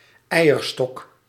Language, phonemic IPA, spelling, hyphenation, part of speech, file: Dutch, /ˈɛi̯.ərˌstɔk/, eierstok, ei‧er‧stok, noun, Nl-eierstok.ogg
- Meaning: 1. ovary, the female animal's organ which produces eggs 2. the swelling part of a pistil which bears ovules